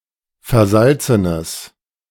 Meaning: strong/mixed nominative/accusative neuter singular of versalzen
- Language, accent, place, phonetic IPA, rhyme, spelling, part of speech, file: German, Germany, Berlin, [fɛɐ̯ˈzalt͡sənəs], -alt͡sənəs, versalzenes, adjective, De-versalzenes.ogg